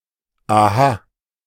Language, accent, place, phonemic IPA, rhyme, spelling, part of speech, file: German, Germany, Berlin, /ʔaˈha/, -aː, aha, interjection, De-aha.ogg
- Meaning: aha